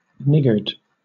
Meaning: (adjective) 1. Sparing; stinting; parsimonious 2. Miserly or stingy; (noun) 1. A miser or stingy person; a skinflint 2. A false bottom in a grate, used for saving fuel
- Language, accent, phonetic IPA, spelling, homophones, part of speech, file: English, Southern England, [ˈnɪɡəd], niggard, niggered, adjective / noun / verb, LL-Q1860 (eng)-niggard.wav